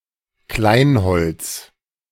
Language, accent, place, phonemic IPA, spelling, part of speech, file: German, Germany, Berlin, /ˈklaɪ̯nˌhɔlt͡s/, Kleinholz, noun, De-Kleinholz.ogg
- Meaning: kindling